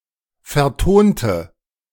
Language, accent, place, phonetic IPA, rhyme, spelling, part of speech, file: German, Germany, Berlin, [fɛɐ̯ˈtoːntə], -oːntə, vertonte, adjective / verb, De-vertonte.ogg
- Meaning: inflection of vertonen: 1. first/third-person singular preterite 2. first/third-person singular subjunctive II